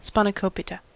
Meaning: 1. A Greek dish made with pre-cooked spinach, butter, olive oil, cheese, green onions, egg, and seasoning in phyllo pastry 2. The same or similar dishes made without cheese
- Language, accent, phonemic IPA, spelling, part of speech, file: English, US, /ˌspænəˈkoʊpɪtə/, spanakopita, noun, En-us-spanakopita.ogg